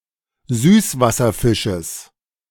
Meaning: genitive singular of Süßwasserfisch
- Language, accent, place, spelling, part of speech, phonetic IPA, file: German, Germany, Berlin, Süßwasserfisches, noun, [ˈzyːsvasɐˌfɪʃəs], De-Süßwasserfisches.ogg